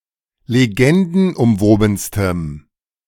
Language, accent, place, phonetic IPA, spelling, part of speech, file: German, Germany, Berlin, [leˈɡɛndn̩ʔʊmˌvoːbn̩stəm], legendenumwobenstem, adjective, De-legendenumwobenstem.ogg
- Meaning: strong dative masculine/neuter singular superlative degree of legendenumwoben